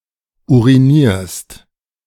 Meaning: second-person singular present of urinieren
- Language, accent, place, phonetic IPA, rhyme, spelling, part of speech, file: German, Germany, Berlin, [ˌuʁiˈniːɐ̯st], -iːɐ̯st, urinierst, verb, De-urinierst.ogg